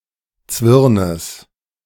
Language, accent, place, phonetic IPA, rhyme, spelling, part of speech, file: German, Germany, Berlin, [ˈt͡svɪʁnəs], -ɪʁnəs, Zwirnes, noun, De-Zwirnes.ogg
- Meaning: genitive of Zwirn